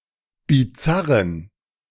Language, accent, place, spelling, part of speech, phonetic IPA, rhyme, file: German, Germany, Berlin, bizarren, adjective, [biˈt͡saʁən], -aʁən, De-bizarren.ogg
- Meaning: inflection of bizarr: 1. strong genitive masculine/neuter singular 2. weak/mixed genitive/dative all-gender singular 3. strong/weak/mixed accusative masculine singular 4. strong dative plural